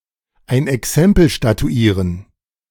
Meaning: to set a warning example
- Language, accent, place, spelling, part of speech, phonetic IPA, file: German, Germany, Berlin, ein Exempel statuieren, phrase, [aɪ̯n ɛˈksɛmpl̩ ʃtatuˈiːʁən], De-ein Exempel statuieren.ogg